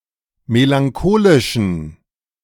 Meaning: inflection of melancholisch: 1. strong genitive masculine/neuter singular 2. weak/mixed genitive/dative all-gender singular 3. strong/weak/mixed accusative masculine singular 4. strong dative plural
- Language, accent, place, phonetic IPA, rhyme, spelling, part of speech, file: German, Germany, Berlin, [melaŋˈkoːlɪʃn̩], -oːlɪʃn̩, melancholischen, adjective, De-melancholischen.ogg